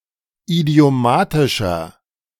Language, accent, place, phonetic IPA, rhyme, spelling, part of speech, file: German, Germany, Berlin, [idi̯oˈmaːtɪʃɐ], -aːtɪʃɐ, idiomatischer, adjective, De-idiomatischer.ogg
- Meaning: 1. comparative degree of idiomatisch 2. inflection of idiomatisch: strong/mixed nominative masculine singular 3. inflection of idiomatisch: strong genitive/dative feminine singular